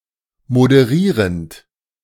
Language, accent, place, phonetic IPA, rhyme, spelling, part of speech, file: German, Germany, Berlin, [modəˈʁiːʁənt], -iːʁənt, moderierend, verb, De-moderierend.ogg
- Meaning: present participle of moderieren